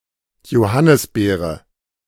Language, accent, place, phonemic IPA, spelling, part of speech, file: German, Germany, Berlin, /joˈhanɪsˌbeːrə/, Johannisbeere, noun, De-Johannisbeere.ogg
- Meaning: currant (Ribes gen. et spp., chiefly the fruits)